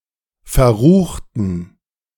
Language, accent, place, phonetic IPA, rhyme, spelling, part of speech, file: German, Germany, Berlin, [fɛɐ̯ˈʁuːxtn̩], -uːxtn̩, verruchten, adjective, De-verruchten.ogg
- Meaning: inflection of verrucht: 1. strong genitive masculine/neuter singular 2. weak/mixed genitive/dative all-gender singular 3. strong/weak/mixed accusative masculine singular 4. strong dative plural